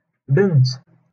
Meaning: 1. daughter 2. girl (female child) 3. young woman
- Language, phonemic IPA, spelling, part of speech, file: Moroccan Arabic, /bint/, بنت, noun, LL-Q56426 (ary)-بنت.wav